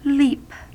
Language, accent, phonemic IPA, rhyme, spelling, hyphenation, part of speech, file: English, General American, /ˈliːp/, -iːp, leap, leap, verb / noun / adjective, En-us-leap.ogg
- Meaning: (verb) 1. To jump 2. To pass over by a leap or jump 3. To copulate with (a female beast) 4. To copulate with (a human) 5. To cause to leap; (noun) The act of leaping or jumping